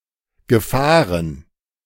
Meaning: past participle of fahren
- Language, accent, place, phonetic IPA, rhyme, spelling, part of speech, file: German, Germany, Berlin, [ɡəˈfaːʁən], -aːʁən, gefahren, verb, De-gefahren.ogg